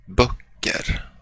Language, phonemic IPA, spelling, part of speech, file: Swedish, /¹bøkːər/, böcker, noun, Sv-böcker.flac
- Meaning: indefinite plural of bok